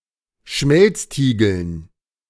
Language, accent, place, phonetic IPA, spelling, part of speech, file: German, Germany, Berlin, [ˈʃmɛlt͡sˌtiːɡl̩n], Schmelztiegeln, noun, De-Schmelztiegeln.ogg
- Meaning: dative plural of Schmelztiegel